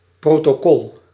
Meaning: 1. protocol (collection of rules and procedures) 2. protocol (book containing official documents) 3. protocol (official record of minutes or agreements)
- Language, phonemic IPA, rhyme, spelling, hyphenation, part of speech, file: Dutch, /ˌproː.toːˈkɔl/, -ɔl, protocol, pro‧to‧col, noun, Nl-protocol.ogg